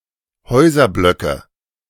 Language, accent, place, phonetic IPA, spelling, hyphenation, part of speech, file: German, Germany, Berlin, [ˈhɔɪ̯zɐˌblœkə], Häuserblöcke, Häu‧ser‧blö‧cke, noun, De-Häuserblöcke.ogg
- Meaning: nominative/accusative/genitive plural of Häuserblock